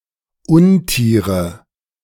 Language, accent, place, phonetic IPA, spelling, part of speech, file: German, Germany, Berlin, [ˈʊnˌtiːʁə], Untiere, noun, De-Untiere.ogg
- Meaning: nominative/accusative/genitive plural of Untier